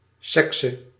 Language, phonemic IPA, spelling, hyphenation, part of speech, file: Dutch, /sɛk.sə/, sekse, sek‧se, noun, Nl-sekse.ogg
- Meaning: gender (behavioural characteristics)